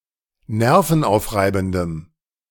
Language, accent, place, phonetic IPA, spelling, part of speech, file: German, Germany, Berlin, [ˈnɛʁfn̩ˌʔaʊ̯fʁaɪ̯bn̩dəm], nervenaufreibendem, adjective, De-nervenaufreibendem.ogg
- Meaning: strong dative masculine/neuter singular of nervenaufreibend